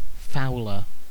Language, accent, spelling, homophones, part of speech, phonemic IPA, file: English, UK, fouler, fowler, noun / adjective, /ˈfaʊl.ə/, En-uk-fouler.ogg
- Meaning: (noun) One who fouls; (adjective) comparative form of foul: more foul